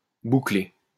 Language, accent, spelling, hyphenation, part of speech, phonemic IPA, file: French, France, bouclé, bou‧clé, verb / adjective, /bu.kle/, LL-Q150 (fra)-bouclé.wav
- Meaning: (verb) past participle of boucler; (adjective) curly